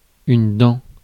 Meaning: 1. tooth 2. cog (tooth on a gear)
- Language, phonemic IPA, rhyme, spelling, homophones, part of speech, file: French, /dɑ̃/, -ɑ̃, dent, dam / dams / dans / dents, noun, Fr-dent.ogg